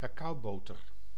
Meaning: cocoa butter
- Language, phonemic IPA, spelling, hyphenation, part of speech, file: Dutch, /kɑˈkɑu̯ˌboː.tər/, cacaoboter, ca‧cao‧bo‧ter, noun, Nl-cacaoboter.ogg